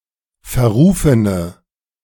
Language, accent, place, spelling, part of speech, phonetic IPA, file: German, Germany, Berlin, verrufene, adjective, [fɛɐ̯ˈʁuːfənə], De-verrufene.ogg
- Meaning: inflection of verrufen: 1. strong/mixed nominative/accusative feminine singular 2. strong nominative/accusative plural 3. weak nominative all-gender singular